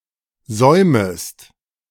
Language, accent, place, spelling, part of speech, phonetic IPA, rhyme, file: German, Germany, Berlin, säumest, verb, [ˈzɔɪ̯məst], -ɔɪ̯məst, De-säumest.ogg
- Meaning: second-person singular subjunctive I of säumen